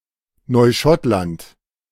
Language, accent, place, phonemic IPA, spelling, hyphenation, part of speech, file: German, Germany, Berlin, /nɔɪˈʃɔtlant/, Neuschottland, Neu‧schott‧land, proper noun, De-Neuschottland.ogg
- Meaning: 1. Nova Scotia (a province in eastern Canada) 2. Nova Scotia, Nova Scotia peninsula (a peninsula on the coast of the Atlantic, comprising most of the province of Nova Scotia; Nova Scotia peninsula)